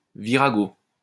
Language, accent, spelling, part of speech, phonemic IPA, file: French, France, virago, noun, /vi.ʁa.ɡo/, LL-Q150 (fra)-virago.wav
- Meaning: virago